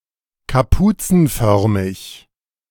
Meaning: hood-shaped
- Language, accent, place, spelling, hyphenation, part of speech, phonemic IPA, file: German, Germany, Berlin, kapuzenförmig, ka‧pu‧zen‧för‧mig, adjective, /kaˈpuːt͡sn̩ˌfœʁmɪç/, De-kapuzenförmig.ogg